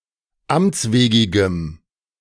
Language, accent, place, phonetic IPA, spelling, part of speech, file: German, Germany, Berlin, [ˈamt͡sˌveːɡɪɡəm], amtswegigem, adjective, De-amtswegigem.ogg
- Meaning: strong dative masculine/neuter singular of amtswegig